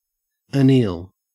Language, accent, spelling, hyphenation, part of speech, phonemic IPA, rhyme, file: English, Australia, anneal, an‧neal, verb / noun, /əˈniːl/, -iːl, En-au-anneal.ogg
- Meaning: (verb) To subject to great heat and then (often slow) cooling, and sometimes reheating and further cooling, for the purpose of rendering less brittle; to temper; to toughen